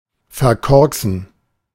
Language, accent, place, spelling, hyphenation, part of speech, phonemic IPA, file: German, Germany, Berlin, verkorksen, ver‧kork‧sen, verb, /ferˈkɔrksən/, De-verkorksen.ogg
- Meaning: to make a mess of, to ruin, screw up, bugger up